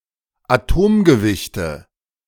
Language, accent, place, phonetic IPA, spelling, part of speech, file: German, Germany, Berlin, [aˈtoːmɡəˌvɪçtə], Atomgewichte, noun, De-Atomgewichte.ogg
- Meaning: nominative/accusative/genitive plural of Atomgewicht